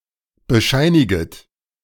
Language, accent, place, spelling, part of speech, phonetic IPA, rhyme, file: German, Germany, Berlin, bescheiniget, verb, [bəˈʃaɪ̯nɪɡət], -aɪ̯nɪɡət, De-bescheiniget.ogg
- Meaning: second-person plural subjunctive I of bescheinigen